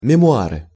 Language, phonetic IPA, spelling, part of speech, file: Russian, [mʲɪmʊˈarɨ], мемуары, noun, Ru-мемуары.ogg
- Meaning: memoirs